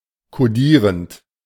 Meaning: present participle of kodieren
- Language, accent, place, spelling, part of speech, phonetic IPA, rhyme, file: German, Germany, Berlin, kodierend, verb, [koˈdiːʁənt], -iːʁənt, De-kodierend.ogg